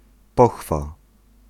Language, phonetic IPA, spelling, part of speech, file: Polish, [ˈpɔxfa], pochwa, noun, Pl-pochwa.ogg